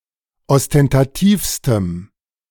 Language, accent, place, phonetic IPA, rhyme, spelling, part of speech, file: German, Germany, Berlin, [ɔstɛntaˈtiːfstəm], -iːfstəm, ostentativstem, adjective, De-ostentativstem.ogg
- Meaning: strong dative masculine/neuter singular superlative degree of ostentativ